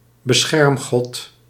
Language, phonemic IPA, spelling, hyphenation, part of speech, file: Dutch, /bəˈsxɛrmˌɣɔt/, beschermgod, be‧scherm‧god, noun, Nl-beschermgod.ogg
- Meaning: tutelary deity, guardian deity